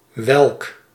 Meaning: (determiner) which, what; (pronoun) 1. which, which one 2. which
- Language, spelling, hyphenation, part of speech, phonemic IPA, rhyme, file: Dutch, welk, welk, determiner / pronoun, /ʋɛlk/, -ɛlk, Nl-welk.ogg